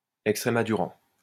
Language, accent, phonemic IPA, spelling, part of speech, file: French, France, /ɛk.stʁe.ma.du.ʁɑ̃/, extrémaduran, adjective / noun, LL-Q150 (fra)-extrémaduran.wav
- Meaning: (adjective) Extremaduran (from Extremadura); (noun) Extremaduran (the language of Extremadura)